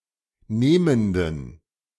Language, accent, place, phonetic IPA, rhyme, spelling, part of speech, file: German, Germany, Berlin, [ˈneːməndn̩], -eːməndn̩, nehmenden, adjective, De-nehmenden.ogg
- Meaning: inflection of nehmend: 1. strong genitive masculine/neuter singular 2. weak/mixed genitive/dative all-gender singular 3. strong/weak/mixed accusative masculine singular 4. strong dative plural